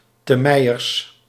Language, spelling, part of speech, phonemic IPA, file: Dutch, temeiers, noun, /təˈmɛijərs/, Nl-temeiers.ogg
- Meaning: plural of temeier